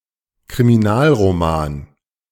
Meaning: 1. whodunit, crime novel 2. crime fiction
- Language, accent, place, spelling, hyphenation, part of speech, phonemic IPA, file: German, Germany, Berlin, Kriminalroman, Kri‧mi‧nal‧ro‧man, noun, /kʁimiˈnaːlʁoˌmaːn/, De-Kriminalroman.ogg